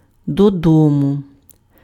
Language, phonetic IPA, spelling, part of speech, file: Ukrainian, [dɔˈdɔmʊ], додому, adverb, Uk-додому.ogg
- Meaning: home, homewards